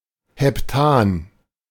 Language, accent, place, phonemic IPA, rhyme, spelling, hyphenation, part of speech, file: German, Germany, Berlin, /hɛpˈtaːn/, -aːn, Heptan, Hep‧tan, noun, De-Heptan.ogg
- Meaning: heptane